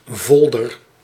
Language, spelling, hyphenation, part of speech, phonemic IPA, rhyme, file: Dutch, volder, vol‧der, noun, /ˈvɔl.dər/, -ɔldər, Nl-volder.ogg
- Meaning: alternative form of voller